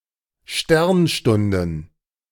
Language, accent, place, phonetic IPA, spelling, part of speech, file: German, Germany, Berlin, [ˈʃtɛʁnˌʃtʊndn̩], Sternstunden, noun, De-Sternstunden.ogg
- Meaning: plural of Sternstunde